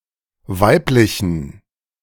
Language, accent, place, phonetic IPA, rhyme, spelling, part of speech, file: German, Germany, Berlin, [ˈvaɪ̯plɪçn̩], -aɪ̯plɪçn̩, weiblichen, adjective, De-weiblichen.ogg
- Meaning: inflection of weiblich: 1. strong genitive masculine/neuter singular 2. weak/mixed genitive/dative all-gender singular 3. strong/weak/mixed accusative masculine singular 4. strong dative plural